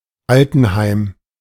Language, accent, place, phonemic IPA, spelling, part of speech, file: German, Germany, Berlin, /ˈaltənˌhaɪ̯m/, Altenheim, noun, De-Altenheim.ogg
- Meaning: retirement home, old folks' home